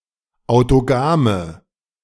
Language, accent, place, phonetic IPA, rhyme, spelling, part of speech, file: German, Germany, Berlin, [aʊ̯toˈɡaːmə], -aːmə, autogame, adjective, De-autogame.ogg
- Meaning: inflection of autogam: 1. strong/mixed nominative/accusative feminine singular 2. strong nominative/accusative plural 3. weak nominative all-gender singular 4. weak accusative feminine/neuter singular